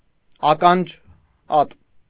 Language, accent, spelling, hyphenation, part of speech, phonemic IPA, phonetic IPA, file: Armenian, Eastern Armenian, ականջատ, ա‧կան‧ջատ, adjective, /ɑkɑnˈd͡ʒɑt/, [ɑkɑnd͡ʒɑ́t], Hy-ականջատ.ogg
- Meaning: crop-eared